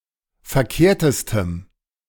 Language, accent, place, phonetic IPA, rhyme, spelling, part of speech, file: German, Germany, Berlin, [fɛɐ̯ˈkeːɐ̯təstəm], -eːɐ̯təstəm, verkehrtestem, adjective, De-verkehrtestem.ogg
- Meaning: strong dative masculine/neuter singular superlative degree of verkehrt